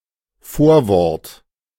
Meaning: 1. foreword 2. preposition 3. pronoun
- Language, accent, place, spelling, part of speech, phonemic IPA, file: German, Germany, Berlin, Vorwort, noun, /ˈfoːɐ̯ˌvɔʁt/, De-Vorwort.ogg